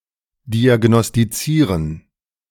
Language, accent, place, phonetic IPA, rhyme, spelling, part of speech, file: German, Germany, Berlin, [ˌdiaɡnɔstiˈt͡siːʁən], -iːʁən, diagnostizieren, verb, De-diagnostizieren.ogg
- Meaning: to diagnose